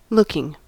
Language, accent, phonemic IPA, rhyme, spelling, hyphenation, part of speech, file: English, US, /ˈlʊkɪŋ/, -ʊkɪŋ, looking, look‧ing, verb / noun, En-us-looking.ogg
- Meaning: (verb) 1. present participle and gerund of look 2. as the last part of compound adjectives: relating to or having the appearance of; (noun) The act of one who looks; a glance